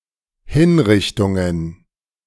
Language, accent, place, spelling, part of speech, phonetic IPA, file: German, Germany, Berlin, Hinrichtungen, noun, [ˈhɪnˌʁɪçtʊŋən], De-Hinrichtungen.ogg
- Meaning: plural of Hinrichtung